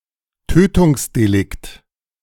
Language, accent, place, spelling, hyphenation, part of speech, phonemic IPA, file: German, Germany, Berlin, Tötungsdelikt, Tö‧tungs‧de‧likt, noun, /ˈtøːtʊŋsdeˌlɪkt/, De-Tötungsdelikt.ogg
- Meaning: homicide